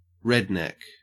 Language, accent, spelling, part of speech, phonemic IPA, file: English, Australia, redneck, noun, /ˈɹɛdnɛk/, En-au-redneck.ogg